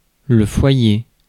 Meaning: 1. hearth 2. lobby, foyer 3. home, domicile 4. household 5. source, centre, seat
- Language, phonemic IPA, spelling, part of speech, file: French, /fwa.je/, foyer, noun, Fr-foyer.ogg